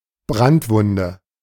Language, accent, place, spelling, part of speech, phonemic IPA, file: German, Germany, Berlin, Brandwunde, noun, /ˈbʁantˌvʊndə/, De-Brandwunde.ogg
- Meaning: burn, burn mark (injury caused by fire)